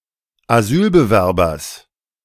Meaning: genitive singular of Asylbewerber
- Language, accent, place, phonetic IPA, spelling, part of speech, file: German, Germany, Berlin, [aˈzyːlbəˌvɛʁbɐs], Asylbewerbers, noun, De-Asylbewerbers.ogg